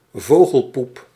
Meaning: bird droppings
- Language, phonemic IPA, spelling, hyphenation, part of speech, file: Dutch, /ˈvoː.ɣəlˌpup/, vogelpoep, vo‧gel‧poep, noun, Nl-vogelpoep.ogg